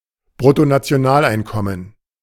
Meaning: gross national income
- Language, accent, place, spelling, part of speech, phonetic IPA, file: German, Germany, Berlin, Bruttonationaleinkommen, noun, [bʁʊtonat͡si̯oˈnaːlˌaɪ̯nkɔmən], De-Bruttonationaleinkommen.ogg